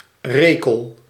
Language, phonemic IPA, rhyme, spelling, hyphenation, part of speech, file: Dutch, /ˈreː.kəl/, -eːkəl, rekel, re‧kel, noun, Nl-rekel.ogg
- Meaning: 1. male of a canine species, notably dog, fox or wolf 2. insolent person